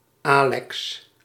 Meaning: a male given name
- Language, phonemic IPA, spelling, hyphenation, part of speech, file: Dutch, /ˈaːlɛks/, Alex, Alex, proper noun, Nl-Alex.ogg